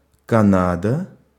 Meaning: Canada (a country in North America)
- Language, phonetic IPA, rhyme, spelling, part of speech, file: Russian, [kɐˈnadə], -adə, Канада, proper noun, Ru-Канада.ogg